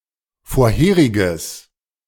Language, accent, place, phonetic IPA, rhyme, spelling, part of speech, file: German, Germany, Berlin, [foːɐ̯ˈheːʁɪɡəs], -eːʁɪɡəs, vorheriges, adjective, De-vorheriges.ogg
- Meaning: strong/mixed nominative/accusative neuter singular of vorherig